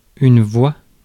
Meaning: 1. voice 2. vote
- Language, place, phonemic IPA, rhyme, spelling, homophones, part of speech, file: French, Paris, /vwa/, -a, voix, voie / voient / voies / vois / voua / vouas, noun, Fr-voix.ogg